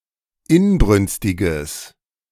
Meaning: strong/mixed nominative/accusative neuter singular of inbrünstig
- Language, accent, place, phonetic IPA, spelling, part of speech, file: German, Germany, Berlin, [ˈɪnˌbʁʏnstɪɡəs], inbrünstiges, adjective, De-inbrünstiges.ogg